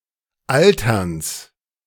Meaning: genitive of Altern
- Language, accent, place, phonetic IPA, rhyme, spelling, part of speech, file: German, Germany, Berlin, [ˈaltɐns], -altɐns, Alterns, noun, De-Alterns.ogg